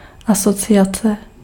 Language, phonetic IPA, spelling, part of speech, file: Czech, [ˈasot͡sɪjat͡sɛ], asociace, noun, Cs-asociace.ogg
- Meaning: 1. association (a group of persons associated for a common purpose; an organization; society) 2. association (a connection to or an affiliation with something)